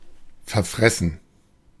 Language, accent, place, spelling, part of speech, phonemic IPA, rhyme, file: German, Germany, Berlin, verfressen, verb / adjective, /fɛɐ̯ˈfʁɛsn̩/, -ɛsn̩, De-verfressen.ogg
- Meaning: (verb) 1. to gobble up (money) 2. past participle of verfressen; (adjective) greedy